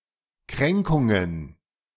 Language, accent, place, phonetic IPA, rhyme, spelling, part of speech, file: German, Germany, Berlin, [ˈkʁɛŋkʊŋən], -ɛŋkʊŋən, Kränkungen, noun, De-Kränkungen.ogg
- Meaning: plural of Kränkung